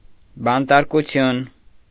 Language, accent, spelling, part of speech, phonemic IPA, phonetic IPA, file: Armenian, Eastern Armenian, բանտարկություն, noun, /bɑntɑɾkuˈtʰjun/, [bɑntɑɾkut͡sʰjún], Hy-բանտարկություն.ogg
- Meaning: imprisonment